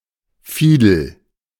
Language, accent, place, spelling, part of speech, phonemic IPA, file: German, Germany, Berlin, Fiedel, noun, /ˈfiːdəl/, De-Fiedel.ogg
- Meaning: 1. violin, fiddle 2. vielle (medieval kind of violin)